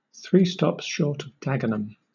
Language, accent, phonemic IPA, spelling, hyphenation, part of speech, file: English, Southern England, /ˌθɹiː stɒps ˈʃɔːt əv ˈdæɡən(ə)m/, three stops short of Dagenham, three stops short of Dag‧en‧ham, adjective, LL-Q1860 (eng)-three stops short of Dagenham.wav
- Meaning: Crazy; mad